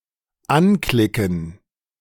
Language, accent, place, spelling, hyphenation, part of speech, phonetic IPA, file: German, Germany, Berlin, anklicken, an‧kli‧cken, verb, [ˈanˌklɪkn̩], De-anklicken.ogg
- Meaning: to click on (with a mouse)